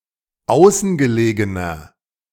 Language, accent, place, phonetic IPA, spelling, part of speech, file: German, Germany, Berlin, [ˈaʊ̯sn̩ɡəˌleːɡənɐ], außengelegener, adjective, De-außengelegener.ogg
- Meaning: inflection of außengelegen: 1. strong/mixed nominative masculine singular 2. strong genitive/dative feminine singular 3. strong genitive plural